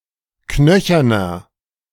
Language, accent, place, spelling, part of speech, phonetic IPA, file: German, Germany, Berlin, knöcherner, adjective, [ˈknœçɐnɐ], De-knöcherner.ogg
- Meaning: 1. comparative degree of knöchern 2. inflection of knöchern: strong/mixed nominative masculine singular 3. inflection of knöchern: strong genitive/dative feminine singular